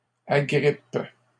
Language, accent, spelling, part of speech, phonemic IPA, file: French, Canada, agrippe, verb, /a.ɡʁip/, LL-Q150 (fra)-agrippe.wav
- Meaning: inflection of agripper: 1. first/third-person singular present indicative/subjunctive 2. second-person singular imperative